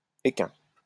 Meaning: equine
- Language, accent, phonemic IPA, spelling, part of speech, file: French, France, /e.kɛ̃/, équin, adjective, LL-Q150 (fra)-équin.wav